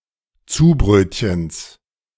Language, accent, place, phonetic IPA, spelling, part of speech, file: German, Germany, Berlin, [ˈt͡suːˌbʁøːtçəns], Zubrötchens, noun, De-Zubrötchens.ogg
- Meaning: genitive of Zubrötchen